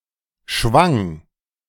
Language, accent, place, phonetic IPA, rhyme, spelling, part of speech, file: German, Germany, Berlin, [ʃvaŋ], -aŋ, schwang, verb, De-schwang.ogg
- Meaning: first/third-person singular preterite of schwingen